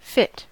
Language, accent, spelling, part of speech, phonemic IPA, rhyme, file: English, US, fit, adjective / verb / noun, /fɪt/, -ɪt, En-us-fit.ogg
- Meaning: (adjective) 1. Suitable; proper 2. Adapted to a purpose or environment 3. In good shape; physically well 4. Sexually attractive; good-looking; fanciable 5. Prepared; ready; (verb) To be suitable for